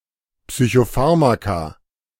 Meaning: plural of Psychopharmakon
- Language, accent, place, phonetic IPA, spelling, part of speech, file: German, Germany, Berlin, [psyçoˈfaʁmaka], Psychopharmaka, noun, De-Psychopharmaka.ogg